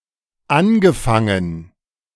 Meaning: past participle of anfangen
- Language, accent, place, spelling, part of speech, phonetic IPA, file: German, Germany, Berlin, angefangen, verb, [ˈanɡəˌfaŋən], De-angefangen.ogg